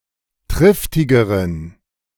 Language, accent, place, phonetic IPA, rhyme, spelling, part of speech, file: German, Germany, Berlin, [ˈtʁɪftɪɡəʁən], -ɪftɪɡəʁən, triftigeren, adjective, De-triftigeren.ogg
- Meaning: inflection of triftig: 1. strong genitive masculine/neuter singular comparative degree 2. weak/mixed genitive/dative all-gender singular comparative degree